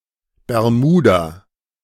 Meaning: Bermuda (an archipelago and overseas territory of the United Kingdom in the North Atlantic Ocean)
- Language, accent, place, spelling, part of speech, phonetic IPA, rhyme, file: German, Germany, Berlin, Bermuda, proper noun, [bɛʁˈmuːda], -uːda, De-Bermuda.ogg